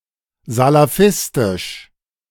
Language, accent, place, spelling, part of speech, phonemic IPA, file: German, Germany, Berlin, salafistisch, adjective, /zalaˈfɪstɪʃ/, De-salafistisch.ogg
- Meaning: Salafistic